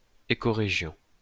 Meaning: eco-region
- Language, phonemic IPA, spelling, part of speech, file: French, /e.ko.ʁe.ʒjɔ̃/, écorégion, noun, LL-Q150 (fra)-écorégion.wav